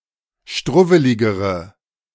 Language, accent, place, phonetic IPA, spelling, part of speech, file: German, Germany, Berlin, [ˈʃtʁʊvəlɪɡəʁə], struwweligere, adjective, De-struwweligere.ogg
- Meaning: inflection of struwwelig: 1. strong/mixed nominative/accusative feminine singular comparative degree 2. strong nominative/accusative plural comparative degree